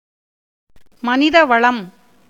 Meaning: human resources
- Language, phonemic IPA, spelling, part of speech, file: Tamil, /mɐnɪd̪ɐʋɐɭɐm/, மனிதவளம், noun, Ta-மனிதவளம்.ogg